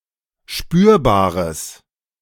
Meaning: strong/mixed nominative/accusative neuter singular of spürbar
- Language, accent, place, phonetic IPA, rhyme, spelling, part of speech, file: German, Germany, Berlin, [ˈʃpyːɐ̯baːʁəs], -yːɐ̯baːʁəs, spürbares, adjective, De-spürbares.ogg